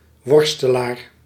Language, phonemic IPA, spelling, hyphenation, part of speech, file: Dutch, /ˈʋɔr.stəˌlaːr/, worstelaar, wor‧ste‧laar, noun, Nl-worstelaar.ogg
- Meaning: wrestler